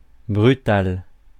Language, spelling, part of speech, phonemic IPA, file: French, brutal, adjective / noun, /bʁy.tal/, Fr-brutal.ogg
- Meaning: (adjective) brutal; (noun) person who acts brutally